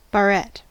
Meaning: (noun) 1. A clasp or clip for gathering and holding the hair 2. A bar used to mount medals of chivalric orders 3. Synonym of katepimeron; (verb) To put (hair) into a barrette
- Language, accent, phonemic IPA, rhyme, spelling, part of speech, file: English, US, /bəˈɹɛt/, -ɛt, barrette, noun / verb, En-us-barrette.ogg